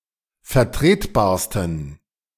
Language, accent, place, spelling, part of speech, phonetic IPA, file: German, Germany, Berlin, vertretbarsten, adjective, [fɛɐ̯ˈtʁeːtˌbaːɐ̯stn̩], De-vertretbarsten.ogg
- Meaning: 1. superlative degree of vertretbar 2. inflection of vertretbar: strong genitive masculine/neuter singular superlative degree